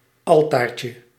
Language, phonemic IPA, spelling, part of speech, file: Dutch, /ˈɑltarcə/, altaartje, noun, Nl-altaartje.ogg
- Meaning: diminutive of altaar